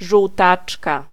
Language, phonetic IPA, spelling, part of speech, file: Polish, [ʒuwˈtat͡ʃka], żółtaczka, noun, Pl-żółtaczka.ogg